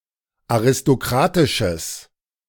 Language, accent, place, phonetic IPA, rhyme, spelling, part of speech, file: German, Germany, Berlin, [aʁɪstoˈkʁaːtɪʃəs], -aːtɪʃəs, aristokratisches, adjective, De-aristokratisches.ogg
- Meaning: strong/mixed nominative/accusative neuter singular of aristokratisch